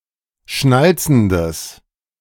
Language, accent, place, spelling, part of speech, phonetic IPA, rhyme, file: German, Germany, Berlin, schnalzendes, adjective, [ˈʃnalt͡sn̩dəs], -alt͡sn̩dəs, De-schnalzendes.ogg
- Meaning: strong/mixed nominative/accusative neuter singular of schnalzend